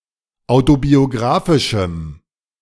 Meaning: strong dative masculine/neuter singular of autobiografisch
- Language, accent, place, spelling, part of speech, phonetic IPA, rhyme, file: German, Germany, Berlin, autobiografischem, adjective, [ˌaʊ̯tobioˈɡʁaːfɪʃm̩], -aːfɪʃm̩, De-autobiografischem.ogg